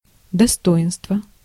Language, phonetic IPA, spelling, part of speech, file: Russian, [dɐˈstoɪnstvə], достоинство, noun, Ru-достоинство.ogg
- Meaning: 1. positive quality 2. dignity, self-respect 3. denomination, value (of a banknote) 4. rank, title